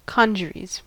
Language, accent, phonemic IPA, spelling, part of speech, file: English, US, /ˈkɑːnd͡ʒəɹiːz/, congeries, noun, En-us-congeries.ogg
- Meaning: A collection or aggregation of disparate items